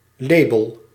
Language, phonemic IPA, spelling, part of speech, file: Dutch, /ˈleːbəl/, label, noun, Nl-label.ogg
- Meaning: 1. quality label 2. music label